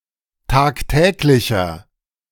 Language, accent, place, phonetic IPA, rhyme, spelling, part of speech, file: German, Germany, Berlin, [ˌtaːkˈtɛːklɪçɐ], -ɛːklɪçɐ, tagtäglicher, adjective, De-tagtäglicher.ogg
- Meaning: inflection of tagtäglich: 1. strong/mixed nominative masculine singular 2. strong genitive/dative feminine singular 3. strong genitive plural